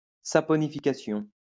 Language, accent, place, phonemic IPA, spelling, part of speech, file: French, France, Lyon, /sa.pɔ.ni.fi.ka.sjɔ̃/, saponification, noun, LL-Q150 (fra)-saponification.wav
- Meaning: saponification